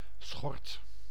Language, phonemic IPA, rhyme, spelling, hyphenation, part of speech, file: Dutch, /sxɔrt/, -ɔrt, schort, schort, noun, Nl-schort.ogg
- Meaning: apron (article of clothing)